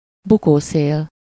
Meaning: eddy wind
- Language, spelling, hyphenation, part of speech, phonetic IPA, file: Hungarian, bukószél, bu‧kó‧szél, noun, [ˈbukoːseːl], Hu-bukószél.ogg